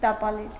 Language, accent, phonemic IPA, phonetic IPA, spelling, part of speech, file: Armenian, Eastern Armenian, /tɑpɑˈlel/, [tɑpɑlél], տապալել, verb, Hy-տապալել.ogg
- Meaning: 1. to throw down, to throw to the ground 2. to sabotage, to wreck, to subvert 3. to destroy, to demolish, to ruin 4. to demote, to depose, to dethrone 5. to kill